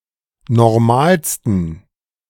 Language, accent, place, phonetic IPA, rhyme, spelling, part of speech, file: German, Germany, Berlin, [nɔʁˈmaːlstn̩], -aːlstn̩, normalsten, adjective, De-normalsten.ogg
- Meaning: 1. superlative degree of normal 2. inflection of normal: strong genitive masculine/neuter singular superlative degree